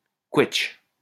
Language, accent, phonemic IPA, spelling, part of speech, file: French, France, /kwɛtʃ/, quetsche, noun, LL-Q150 (fra)-quetsche.wav
- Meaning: damson (plum)